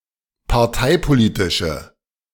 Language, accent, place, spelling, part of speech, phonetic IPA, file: German, Germany, Berlin, parteipolitische, adjective, [paʁˈtaɪ̯poˌliːtɪʃə], De-parteipolitische.ogg
- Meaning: inflection of parteipolitisch: 1. strong/mixed nominative/accusative feminine singular 2. strong nominative/accusative plural 3. weak nominative all-gender singular